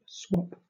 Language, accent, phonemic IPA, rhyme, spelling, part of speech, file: English, Southern England, /swɒp/, -ɒp, swop, noun / verb, LL-Q1860 (eng)-swop.wav
- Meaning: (noun) 1. Alternative spelling of swap 2. A fusion of swing and hip-hop dance styles